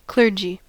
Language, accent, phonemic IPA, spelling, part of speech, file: English, US, /ˈklɝd͡ʒi/, clergy, noun, En-us-clergy.ogg
- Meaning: A body of persons, such as priests, who are trained and ordained for religious service